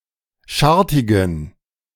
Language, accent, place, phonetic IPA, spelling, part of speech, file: German, Germany, Berlin, [ˈʃaʁtɪɡn̩], schartigen, adjective, De-schartigen.ogg
- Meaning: inflection of schartig: 1. strong genitive masculine/neuter singular 2. weak/mixed genitive/dative all-gender singular 3. strong/weak/mixed accusative masculine singular 4. strong dative plural